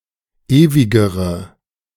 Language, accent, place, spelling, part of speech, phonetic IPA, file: German, Germany, Berlin, ewigere, adjective, [ˈeːvɪɡəʁə], De-ewigere.ogg
- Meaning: inflection of ewig: 1. strong/mixed nominative/accusative feminine singular comparative degree 2. strong nominative/accusative plural comparative degree